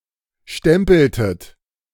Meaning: inflection of stempeln: 1. second-person plural preterite 2. second-person plural subjunctive II
- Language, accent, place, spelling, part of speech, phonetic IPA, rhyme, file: German, Germany, Berlin, stempeltet, verb, [ˈʃtɛmpl̩tət], -ɛmpl̩tət, De-stempeltet.ogg